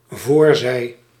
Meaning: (noun) alternative form of voorzijde (“front side”); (verb) singular dependent-clause present subjunctive of voorzijn
- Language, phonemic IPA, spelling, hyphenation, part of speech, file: Dutch, /ˈvɔːrˌzɛi̯/, voorzij, voor‧zij, noun / verb, Nl-voorzij.ogg